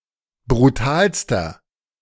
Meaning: inflection of brutal: 1. strong/mixed nominative masculine singular superlative degree 2. strong genitive/dative feminine singular superlative degree 3. strong genitive plural superlative degree
- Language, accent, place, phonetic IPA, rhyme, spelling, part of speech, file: German, Germany, Berlin, [bʁuˈtaːlstɐ], -aːlstɐ, brutalster, adjective, De-brutalster.ogg